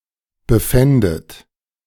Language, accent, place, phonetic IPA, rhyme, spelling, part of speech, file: German, Germany, Berlin, [bəˈfɛndət], -ɛndət, befändet, verb, De-befändet.ogg
- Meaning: second-person plural subjunctive II of befinden